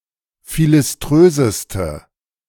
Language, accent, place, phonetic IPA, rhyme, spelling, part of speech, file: German, Germany, Berlin, [ˌfilɪsˈtʁøːzəstə], -øːzəstə, philiströseste, adjective, De-philiströseste.ogg
- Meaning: inflection of philiströs: 1. strong/mixed nominative/accusative feminine singular superlative degree 2. strong nominative/accusative plural superlative degree